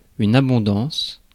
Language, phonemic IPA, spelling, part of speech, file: French, /a.bɔ̃.dɑ̃s/, abondance, noun, Fr-abondance.ogg
- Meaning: 1. a large amount; a plethora or profusion 2. wealth of goods, abundance; opulence, prosperity 3. abundance